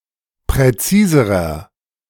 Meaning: inflection of präzis: 1. strong/mixed nominative masculine singular comparative degree 2. strong genitive/dative feminine singular comparative degree 3. strong genitive plural comparative degree
- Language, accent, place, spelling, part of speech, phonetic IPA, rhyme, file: German, Germany, Berlin, präziserer, adjective, [pʁɛˈt͡siːzəʁɐ], -iːzəʁɐ, De-präziserer.ogg